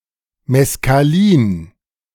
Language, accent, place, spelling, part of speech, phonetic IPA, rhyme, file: German, Germany, Berlin, Meskalin, noun, [mɛskaˈliːn], -iːn, De-Meskalin.ogg
- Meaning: mescaline